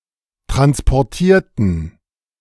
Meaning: inflection of transportieren: 1. first/third-person plural preterite 2. first/third-person plural subjunctive II
- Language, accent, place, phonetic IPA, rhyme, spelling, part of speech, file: German, Germany, Berlin, [ˌtʁanspɔʁˈtiːɐ̯tn̩], -iːɐ̯tn̩, transportierten, adjective / verb, De-transportierten.ogg